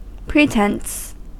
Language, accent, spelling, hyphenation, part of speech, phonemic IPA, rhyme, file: English, US, pretence, pre‧tence, noun, /ˈpɹiːtɛns/, -ɛns, En-us-pretence.ogg
- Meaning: British standard spelling of pretense